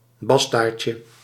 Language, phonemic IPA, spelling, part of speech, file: Dutch, /ˈbɑstarcə/, bastaardje, noun, Nl-bastaardje.ogg
- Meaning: diminutive of bastaard